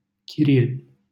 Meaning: 1. a village in Crucea, Suceava County, Romania 2. a male given name, equivalent to English Cyril
- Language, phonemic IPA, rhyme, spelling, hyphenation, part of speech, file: Romanian, /kiˈril/, -il, Chiril, Chi‧ril, proper noun, LL-Q7913 (ron)-Chiril.wav